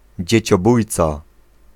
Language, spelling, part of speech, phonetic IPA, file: Polish, dzieciobójca, noun, [ˌd͡ʑɛ̇t͡ɕɔˈbujt͡sa], Pl-dzieciobójca.ogg